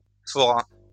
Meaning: second-person singular past historic of forer
- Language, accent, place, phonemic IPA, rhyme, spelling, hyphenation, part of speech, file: French, France, Lyon, /fɔ.ʁa/, -a, foras, fo‧ras, verb, LL-Q150 (fra)-foras.wav